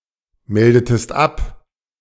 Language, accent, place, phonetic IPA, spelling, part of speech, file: German, Germany, Berlin, [ˌmɛldətəst ˈap], meldetest ab, verb, De-meldetest ab.ogg
- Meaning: inflection of abmelden: 1. second-person singular preterite 2. second-person singular subjunctive II